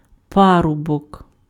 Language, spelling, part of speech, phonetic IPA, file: Ukrainian, парубок, noun, [ˈparʊbɔk], Uk-парубок.ogg
- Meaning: 1. youth, guy 2. bachelor